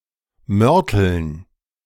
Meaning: dative plural of Mörtel
- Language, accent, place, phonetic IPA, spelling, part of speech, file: German, Germany, Berlin, [ˈmœʁtl̩n], Mörteln, noun, De-Mörteln.ogg